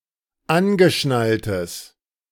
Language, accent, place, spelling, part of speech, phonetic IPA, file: German, Germany, Berlin, angeschnalltes, adjective, [ˈanɡəˌʃnaltəs], De-angeschnalltes.ogg
- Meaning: strong/mixed nominative/accusative neuter singular of angeschnallt